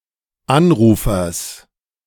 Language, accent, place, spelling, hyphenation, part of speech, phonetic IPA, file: German, Germany, Berlin, Anrufers, An‧ru‧fers, noun, [ˈanˌʀuːfɐs], De-Anrufers.ogg
- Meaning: genitive singular of Anrufer